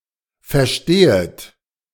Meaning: second-person plural subjunctive I of verstehen
- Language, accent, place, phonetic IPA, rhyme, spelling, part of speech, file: German, Germany, Berlin, [fɛɐ̯ˈʃteːət], -eːət, verstehet, verb, De-verstehet.ogg